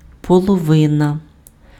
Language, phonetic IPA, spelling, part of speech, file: Ukrainian, [pɔɫɔˈʋɪnɐ], половина, noun, Uk-половина.ogg
- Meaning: half